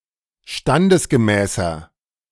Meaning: 1. comparative degree of standesgemäß 2. inflection of standesgemäß: strong/mixed nominative masculine singular 3. inflection of standesgemäß: strong genitive/dative feminine singular
- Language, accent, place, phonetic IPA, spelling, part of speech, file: German, Germany, Berlin, [ˈʃtandəsɡəˌmɛːsɐ], standesgemäßer, adjective, De-standesgemäßer.ogg